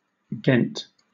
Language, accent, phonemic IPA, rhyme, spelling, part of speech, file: English, Southern England, /ˈɡɛnt/, -ɛnt, Ghent, proper noun, LL-Q1860 (eng)-Ghent.wav
- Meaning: 1. The capital city of the province of East Flanders, Belgium 2. A place in the United States: A minor city in Carroll County, Kentucky